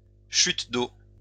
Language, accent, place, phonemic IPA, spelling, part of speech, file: French, France, Lyon, /ʃyt d‿o/, chute d'eau, noun, LL-Q150 (fra)-chute d'eau.wav
- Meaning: waterfall